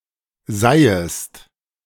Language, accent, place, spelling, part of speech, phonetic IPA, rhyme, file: German, Germany, Berlin, seihest, verb, [ˈzaɪ̯əst], -aɪ̯əst, De-seihest.ogg
- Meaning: second-person singular subjunctive I of seihen